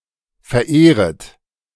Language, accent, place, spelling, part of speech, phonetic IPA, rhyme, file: German, Germany, Berlin, verehret, verb, [fɛɐ̯ˈʔeːʁət], -eːʁət, De-verehret.ogg
- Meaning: second-person plural subjunctive I of verehren